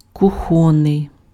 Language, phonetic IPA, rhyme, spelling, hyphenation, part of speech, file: Ukrainian, [kʊˈxɔnːei̯], -ɔnːei̯, кухонний, ку‧хон‧ний, adjective, Uk-кухонний.ogg
- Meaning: kitchen (attributive)